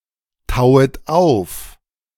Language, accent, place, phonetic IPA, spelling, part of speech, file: German, Germany, Berlin, [ˌtaʊ̯ət ˈaʊ̯f], tauet auf, verb, De-tauet auf.ogg
- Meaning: second-person plural subjunctive I of auftauen